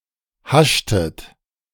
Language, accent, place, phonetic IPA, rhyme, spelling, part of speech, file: German, Germany, Berlin, [ˈhaʃtət], -aʃtət, haschtet, verb, De-haschtet.ogg
- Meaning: inflection of haschen: 1. second-person plural preterite 2. second-person plural subjunctive II